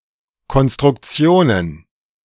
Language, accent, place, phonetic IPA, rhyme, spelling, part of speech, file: German, Germany, Berlin, [kɔnstʁʊkˈt͡si̯oːnən], -oːnən, Konstruktionen, noun, De-Konstruktionen.ogg
- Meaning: plural of Konstruktion